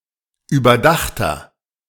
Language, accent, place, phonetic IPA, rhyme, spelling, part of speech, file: German, Germany, Berlin, [yːbɐˈdaxtɐ], -axtɐ, überdachter, adjective, De-überdachter.ogg
- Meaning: inflection of überdacht: 1. strong/mixed nominative masculine singular 2. strong genitive/dative feminine singular 3. strong genitive plural